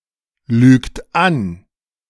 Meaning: inflection of anlügen: 1. third-person singular present 2. second-person plural present 3. plural imperative
- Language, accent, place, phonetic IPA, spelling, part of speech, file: German, Germany, Berlin, [ˌlyːkt ˈan], lügt an, verb, De-lügt an.ogg